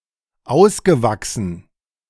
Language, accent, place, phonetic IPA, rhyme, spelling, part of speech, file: German, Germany, Berlin, [ˈaʊ̯sɡəˌvaksn̩], -aʊ̯sɡəvaksn̩, ausgewachsen, adjective / verb, De-ausgewachsen.ogg
- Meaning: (verb) past participle of auswachsen; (adjective) 1. adult, grown-up, full-grown 2. real (storm) 3. utter, complete (nonsense, fool)